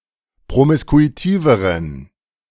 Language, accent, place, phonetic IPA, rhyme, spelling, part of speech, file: German, Germany, Berlin, [pʁomɪskuiˈtiːvəʁən], -iːvəʁən, promiskuitiveren, adjective, De-promiskuitiveren.ogg
- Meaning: inflection of promiskuitiv: 1. strong genitive masculine/neuter singular comparative degree 2. weak/mixed genitive/dative all-gender singular comparative degree